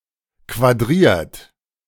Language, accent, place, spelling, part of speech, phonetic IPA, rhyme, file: German, Germany, Berlin, quadriert, verb, [kvaˈdʁiːɐ̯t], -iːɐ̯t, De-quadriert.ogg
- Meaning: 1. past participle of quadrieren 2. inflection of quadrieren: third-person singular present 3. inflection of quadrieren: second-person plural present 4. inflection of quadrieren: plural imperative